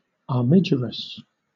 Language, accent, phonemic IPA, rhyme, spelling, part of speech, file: English, Southern England, /ɑːˈmɪ.dʒə.ɹəs/, -ɪdʒəɹəs, armigerous, adjective, LL-Q1860 (eng)-armigerous.wav
- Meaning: Entitled to bear a coat of arms